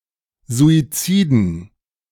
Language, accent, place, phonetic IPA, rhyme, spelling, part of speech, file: German, Germany, Berlin, [zuiˈt͡siːdn̩], -iːdn̩, Suiziden, noun, De-Suiziden.ogg
- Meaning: dative plural of Suizid